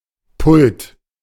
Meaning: desk or rack for reading, writing, etc., prototypically with a tilted top; (by extension also) a specified area or platform with such a desk: lectern, pulpit, podium
- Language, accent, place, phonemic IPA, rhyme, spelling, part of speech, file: German, Germany, Berlin, /pʊlt/, -ʊlt, Pult, noun, De-Pult.ogg